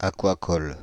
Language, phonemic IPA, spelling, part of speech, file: French, /a.kwa.kɔl/, aquacole, adjective, Fr-aquacole.ogg
- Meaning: aquaculture